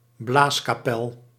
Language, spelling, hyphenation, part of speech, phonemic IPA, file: Dutch, blaaskapel, blaas‧ka‧pel, noun, /ˈblaːs.kaːˌpɛl/, Nl-blaaskapel.ogg
- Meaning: marching band